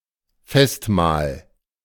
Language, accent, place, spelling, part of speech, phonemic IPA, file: German, Germany, Berlin, Festmahl, noun, /ˈfɛstˌmaːl/, De-Festmahl.ogg
- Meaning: feast (meal), banquet